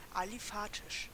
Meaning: aliphatic
- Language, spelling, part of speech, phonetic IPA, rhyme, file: German, aliphatisch, adjective, [aliˈfaːtɪʃ], -aːtɪʃ, De-aliphatisch.ogg